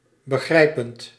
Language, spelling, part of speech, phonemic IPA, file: Dutch, begrijpend, verb / adjective, /bəˈɣrɛipənt/, Nl-begrijpend.ogg
- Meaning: present participle of begrijpen